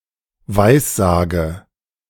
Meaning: inflection of weissagen: 1. first-person singular present 2. first/third-person singular subjunctive I 3. singular imperative
- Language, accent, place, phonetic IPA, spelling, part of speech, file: German, Germany, Berlin, [ˈvaɪ̯sˌzaːɡə], weissage, verb, De-weissage.ogg